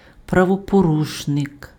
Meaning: lawbreaker, delinquent, offender, criminal
- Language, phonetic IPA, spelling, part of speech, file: Ukrainian, [prɐwɔpoˈruʃnek], правопорушник, noun, Uk-правопорушник.ogg